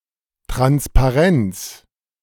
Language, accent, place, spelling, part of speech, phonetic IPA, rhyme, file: German, Germany, Berlin, Transparenz, noun, [tʁanspaˈʁɛnt͡s], -ɛnt͡s, De-Transparenz.ogg
- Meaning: transparency